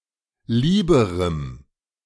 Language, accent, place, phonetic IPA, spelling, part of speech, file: German, Germany, Berlin, [ˈliːbəʁəm], lieberem, adjective, De-lieberem.ogg
- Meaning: strong dative masculine/neuter singular comparative degree of lieb